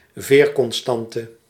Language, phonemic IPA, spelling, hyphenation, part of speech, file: Dutch, /ˈveːr.kɔnˌstɑn.tə/, veerconstante, veer‧con‧stan‧te, noun, Nl-veerconstante.ogg
- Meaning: spring constant